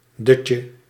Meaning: a nap, a doze, a light sleep
- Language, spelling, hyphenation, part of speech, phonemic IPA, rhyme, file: Dutch, dutje, dut‧je, noun, /ˈdʏt.jə/, -ʏtjə, Nl-dutje.ogg